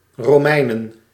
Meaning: plural of Romein
- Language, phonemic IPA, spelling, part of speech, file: Dutch, /roˈmɛinə(n)/, Romeinen, noun / proper noun, Nl-Romeinen.ogg